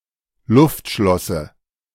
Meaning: dative singular of Luftschloss
- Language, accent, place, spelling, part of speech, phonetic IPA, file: German, Germany, Berlin, Luftschlosse, noun, [ˈlʊftˌʃlɔsə], De-Luftschlosse.ogg